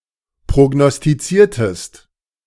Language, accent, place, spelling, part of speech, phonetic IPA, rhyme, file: German, Germany, Berlin, prognostiziertest, verb, [pʁoɡnɔstiˈt͡siːɐ̯təst], -iːɐ̯təst, De-prognostiziertest.ogg
- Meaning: inflection of prognostizieren: 1. second-person singular preterite 2. second-person singular subjunctive II